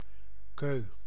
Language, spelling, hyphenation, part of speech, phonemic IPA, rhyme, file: Dutch, keu, keu, noun, /køː/, -øː, Nl-keu.ogg
- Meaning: 1. cue (for playing billiards) 2. sow 3. piglet